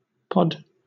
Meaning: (noun) A self-contained unit, container, or enclosure that holds, protects, or transports something.: A seed case for legumes (e.g. peas, beans, peppers); a seedpod
- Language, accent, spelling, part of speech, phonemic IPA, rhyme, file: English, Southern England, pod, noun / verb, /ˈpɒd/, -ɒd, LL-Q1860 (eng)-pod.wav